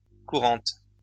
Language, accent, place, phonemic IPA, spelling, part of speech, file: French, France, Lyon, /ku.ʁɑ̃t/, courantes, adjective / noun, LL-Q150 (fra)-courantes.wav
- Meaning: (adjective) feminine plural of courant; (noun) plural of courante